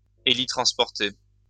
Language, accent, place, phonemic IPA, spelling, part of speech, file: French, France, Lyon, /e.li.tʁɑ̃s.pɔʁ.te/, hélitransporter, verb, LL-Q150 (fra)-hélitransporter.wav
- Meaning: to transport by helicopter